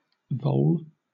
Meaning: Any of a large number of species of small rodents of the tribes Arvicolini, Ellobiusini, Clethrionomyini, Pliomyini, Phenacomyini and Prometheomyini
- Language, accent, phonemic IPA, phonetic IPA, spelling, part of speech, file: English, Southern England, /vəʊl/, [vɔʊɫ], vole, noun, LL-Q1860 (eng)-vole.wav